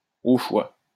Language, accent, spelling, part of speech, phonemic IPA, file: French, France, au choix, adverb, /o ʃwa/, LL-Q150 (fra)-au choix.wav
- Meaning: as one wants, as one prefers